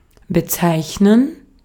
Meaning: 1. to name (give a name to), to call, to designate, to denote 2. to identify with, to indicate, to describe as 3. to describe oneself, to identify
- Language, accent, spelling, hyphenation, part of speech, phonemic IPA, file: German, Austria, bezeichnen, be‧zeich‧nen, verb, /bəˈtsaɪ̯çnən/, De-at-bezeichnen.ogg